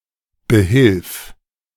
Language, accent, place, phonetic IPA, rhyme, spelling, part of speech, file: German, Germany, Berlin, [bəˈhɪlf], -ɪlf, behilf, verb, De-behilf.ogg
- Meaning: singular imperative of behelfen